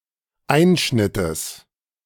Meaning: genitive singular of Einschnitt
- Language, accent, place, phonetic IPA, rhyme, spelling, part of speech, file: German, Germany, Berlin, [ˈaɪ̯nʃnɪtəs], -aɪ̯nʃnɪtəs, Einschnittes, noun, De-Einschnittes.ogg